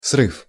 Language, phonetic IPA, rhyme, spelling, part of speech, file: Russian, [srɨf], -ɨf, срыв, noun, Ru-срыв.ogg
- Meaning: 1. derangement, frustration 2. failure 3. breakdown